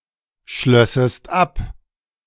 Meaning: second-person singular subjunctive II of abschließen
- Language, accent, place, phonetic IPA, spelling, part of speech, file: German, Germany, Berlin, [ˌʃlœsəst ˈap], schlössest ab, verb, De-schlössest ab.ogg